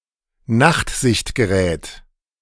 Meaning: nightscope (night vision device)
- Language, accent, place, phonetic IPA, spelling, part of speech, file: German, Germany, Berlin, [ˈnaxtzɪçtɡəˌʁɛːt], Nachtsichtgerät, noun, De-Nachtsichtgerät.ogg